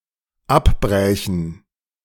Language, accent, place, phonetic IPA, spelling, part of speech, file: German, Germany, Berlin, [ˈapˌbʁɛːçn̩], abbrächen, verb, De-abbrächen.ogg
- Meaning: first/third-person plural dependent subjunctive II of abbrechen